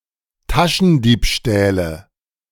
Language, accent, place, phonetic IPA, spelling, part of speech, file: German, Germany, Berlin, [ˈtaʃn̩ˌdiːpʃtɛːlə], Taschendiebstähle, noun, De-Taschendiebstähle.ogg
- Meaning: nominative/accusative/genitive plural of Taschendiebstahl